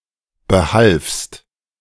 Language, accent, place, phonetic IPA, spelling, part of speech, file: German, Germany, Berlin, [bəˈhalfst], behalfst, verb, De-behalfst.ogg
- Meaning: second-person singular preterite of behelfen